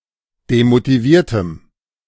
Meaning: strong dative masculine/neuter singular of demotiviert
- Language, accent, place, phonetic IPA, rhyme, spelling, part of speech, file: German, Germany, Berlin, [demotiˈviːɐ̯təm], -iːɐ̯təm, demotiviertem, adjective, De-demotiviertem.ogg